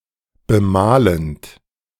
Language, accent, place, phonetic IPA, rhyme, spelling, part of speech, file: German, Germany, Berlin, [bəˈmaːlənt], -aːlənt, bemalend, verb, De-bemalend.ogg
- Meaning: present participle of bemalen